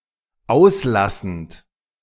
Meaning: present participle of auslassen
- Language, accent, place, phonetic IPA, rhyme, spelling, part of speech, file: German, Germany, Berlin, [ˈaʊ̯sˌlasn̩t], -aʊ̯slasn̩t, auslassend, verb, De-auslassend.ogg